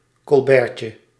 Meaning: diminutive of colbert
- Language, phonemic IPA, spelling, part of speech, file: Dutch, /kɔlˈbɛːrcə/, colbertje, noun, Nl-colbertje.ogg